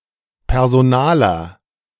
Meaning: one who works in human resources
- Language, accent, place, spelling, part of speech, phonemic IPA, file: German, Germany, Berlin, Personaler, noun, /pɛr.zoˈnaː.lər/, De-Personaler.ogg